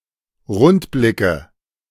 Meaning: nominative/accusative/genitive plural of Rundblick
- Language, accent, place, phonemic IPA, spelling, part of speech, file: German, Germany, Berlin, /ˈʁʊntˌblɪkə/, Rundblicke, noun, De-Rundblicke.ogg